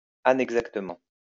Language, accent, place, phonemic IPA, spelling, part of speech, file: French, France, Lyon, /a.nɛɡ.zak.tə.mɑ̃/, anexactement, adverb, LL-Q150 (fra)-anexactement.wav
- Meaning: In an anexact manner